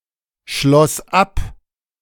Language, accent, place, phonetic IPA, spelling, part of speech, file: German, Germany, Berlin, [ˌʃlɔs ˈap], schloss ab, verb, De-schloss ab.ogg
- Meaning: first/third-person singular preterite of abschließen